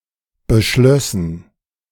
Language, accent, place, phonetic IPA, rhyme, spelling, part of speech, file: German, Germany, Berlin, [bəˈʃlœsn̩], -œsn̩, beschlössen, verb, De-beschlössen.ogg
- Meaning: first/third-person plural subjunctive II of beschließen